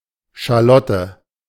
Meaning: shallot
- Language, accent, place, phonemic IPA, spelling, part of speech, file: German, Germany, Berlin, /ˌʃaˈlɔtə/, Schalotte, noun, De-Schalotte.ogg